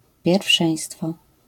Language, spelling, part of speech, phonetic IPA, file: Polish, pierwszeństwo, noun, [pʲjɛrfˈʃɛ̃j̃stfɔ], LL-Q809 (pol)-pierwszeństwo.wav